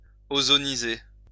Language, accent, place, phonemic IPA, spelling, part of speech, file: French, France, Lyon, /o.zɔ.ni.ze/, ozoniser, verb, LL-Q150 (fra)-ozoniser.wav
- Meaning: to ozonize